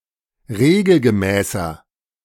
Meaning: inflection of regelgemäß: 1. strong/mixed nominative masculine singular 2. strong genitive/dative feminine singular 3. strong genitive plural
- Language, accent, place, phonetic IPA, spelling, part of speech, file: German, Germany, Berlin, [ˈʁeːɡl̩ɡəˌmɛːsɐ], regelgemäßer, adjective, De-regelgemäßer.ogg